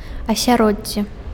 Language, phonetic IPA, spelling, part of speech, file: Belarusian, [asʲaˈrod͡zʲːe], асяроддзе, noun, Be-асяроддзе.ogg
- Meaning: environment